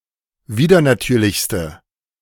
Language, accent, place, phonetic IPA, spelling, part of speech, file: German, Germany, Berlin, [ˈviːdɐnaˌtyːɐ̯lɪçstə], widernatürlichste, adjective, De-widernatürlichste.ogg
- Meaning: inflection of widernatürlich: 1. strong/mixed nominative/accusative feminine singular superlative degree 2. strong nominative/accusative plural superlative degree